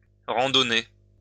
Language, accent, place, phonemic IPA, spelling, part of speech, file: French, France, Lyon, /ʁɑ̃.dɔ.ne/, randonner, verb, LL-Q150 (fra)-randonner.wav
- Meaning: to hike, trek, walk around